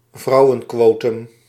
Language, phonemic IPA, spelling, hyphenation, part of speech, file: Dutch, /ˈvrɑu̯.ə(n)ˌkʋoː.tʏm/, vrouwenquotum, vrou‧wen‧quo‧tum, noun, Nl-vrouwenquotum.ogg
- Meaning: a women's quota, usually proposed or implemented to address occupational gender bias in high-ranking positions